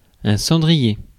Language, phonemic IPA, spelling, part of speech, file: French, /sɑ̃.dʁi.je/, cendrier, noun, Fr-cendrier.ogg
- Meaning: 1. ash pan 2. ashtray